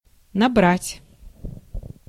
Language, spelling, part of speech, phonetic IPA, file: Russian, набрать, verb, [nɐˈbratʲ], Ru-набрать.ogg
- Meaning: 1. to set up, to compose, to type (a text on a computer) 2. to gather; to pick; to collect; to assemble; to take (a lot of) 3. to take on; to enlist, to recruit; to engage; to enrol, to make up